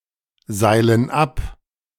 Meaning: inflection of abseilen: 1. first/third-person plural present 2. first/third-person plural subjunctive I
- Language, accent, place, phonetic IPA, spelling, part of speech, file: German, Germany, Berlin, [ˌzaɪ̯lən ˈap], seilen ab, verb, De-seilen ab.ogg